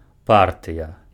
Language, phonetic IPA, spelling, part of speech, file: Belarusian, [ˈpartɨja], партыя, noun, Be-партыя.ogg
- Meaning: party